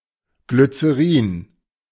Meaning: glycerine
- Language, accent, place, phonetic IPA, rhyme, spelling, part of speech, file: German, Germany, Berlin, [ɡlyt͡seˈʁiːn], -iːn, Glycerin, noun, De-Glycerin.ogg